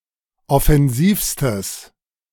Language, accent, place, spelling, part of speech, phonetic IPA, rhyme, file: German, Germany, Berlin, offensivstes, adjective, [ɔfɛnˈziːfstəs], -iːfstəs, De-offensivstes.ogg
- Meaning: strong/mixed nominative/accusative neuter singular superlative degree of offensiv